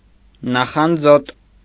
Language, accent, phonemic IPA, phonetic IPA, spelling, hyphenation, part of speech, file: Armenian, Eastern Armenian, /nɑχɑnˈd͡zot/, [nɑχɑnd͡zót], նախանձոտ, նա‧խան‧ձոտ, adjective, Hy-նախանձոտ.ogg
- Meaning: alternative form of նախանձկոտ (naxanjkot)